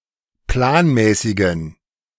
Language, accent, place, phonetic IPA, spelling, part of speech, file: German, Germany, Berlin, [ˈplaːnˌmɛːsɪɡn̩], planmäßigen, adjective, De-planmäßigen.ogg
- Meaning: inflection of planmäßig: 1. strong genitive masculine/neuter singular 2. weak/mixed genitive/dative all-gender singular 3. strong/weak/mixed accusative masculine singular 4. strong dative plural